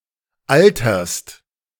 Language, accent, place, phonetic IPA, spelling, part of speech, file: German, Germany, Berlin, [ˈaltɐst], alterst, verb, De-alterst.ogg
- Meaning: second-person singular present of altern